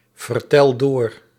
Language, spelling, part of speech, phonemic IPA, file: Dutch, vertel door, verb, /vərˈtɛl ˈdor/, Nl-vertel door.ogg
- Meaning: inflection of doorvertellen: 1. first-person singular present indicative 2. second-person singular present indicative 3. imperative